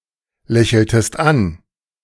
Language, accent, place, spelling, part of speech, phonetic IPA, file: German, Germany, Berlin, lächeltest an, verb, [ˌlɛçl̩təst ˈan], De-lächeltest an.ogg
- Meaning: inflection of anlächeln: 1. second-person singular preterite 2. second-person singular subjunctive II